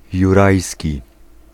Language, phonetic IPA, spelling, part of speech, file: Polish, [juˈrajsʲci], jurajski, adjective, Pl-jurajski.ogg